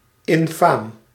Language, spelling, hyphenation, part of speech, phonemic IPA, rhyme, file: Dutch, infaam, in‧faam, adjective, /ɪnˈfaːm/, -aːm, Nl-infaam.ogg
- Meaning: 1. dishonourable, honourless 2. scandalous, odious, despicable